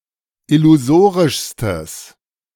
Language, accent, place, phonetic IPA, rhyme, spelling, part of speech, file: German, Germany, Berlin, [ɪluˈzoːʁɪʃstəs], -oːʁɪʃstəs, illusorischstes, adjective, De-illusorischstes.ogg
- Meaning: strong/mixed nominative/accusative neuter singular superlative degree of illusorisch